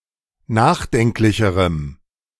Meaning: strong dative masculine/neuter singular comparative degree of nachdenklich
- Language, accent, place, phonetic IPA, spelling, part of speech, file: German, Germany, Berlin, [ˈnaːxˌdɛŋklɪçəʁəm], nachdenklicherem, adjective, De-nachdenklicherem.ogg